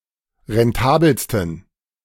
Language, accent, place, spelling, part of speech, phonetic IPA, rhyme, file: German, Germany, Berlin, rentabelsten, adjective, [ʁɛnˈtaːbl̩stn̩], -aːbl̩stn̩, De-rentabelsten.ogg
- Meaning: 1. superlative degree of rentabel 2. inflection of rentabel: strong genitive masculine/neuter singular superlative degree